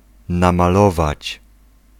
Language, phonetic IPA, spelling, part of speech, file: Polish, [ˌnãmaˈlɔvat͡ɕ], namalować, verb, Pl-namalować.ogg